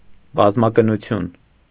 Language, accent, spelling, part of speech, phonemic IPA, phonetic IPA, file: Armenian, Eastern Armenian, բազմակնություն, noun, /bɑzmɑkənuˈtʰjun/, [bɑzmɑkənut͡sʰjún], Hy-բազմակնություն.ogg
- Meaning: polygamy, polygyny